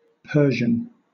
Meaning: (adjective) 1. Of, from, or pertaining to Persia 2. Of or pertaining to the Persian people 3. Of or pertaining to the Persian language
- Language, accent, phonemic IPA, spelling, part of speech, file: English, Southern England, /ˈpɜː.ʒən/, Persian, adjective / noun / proper noun, LL-Q1860 (eng)-Persian.wav